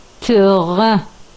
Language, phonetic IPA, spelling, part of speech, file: Adyghe, [təʁa], тыгъэ, noun, Trha1.ogg
- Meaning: sun